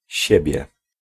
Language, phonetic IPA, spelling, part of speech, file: Polish, [ˈɕɛbʲjɛ], siebie, pronoun, Pl-siebie.ogg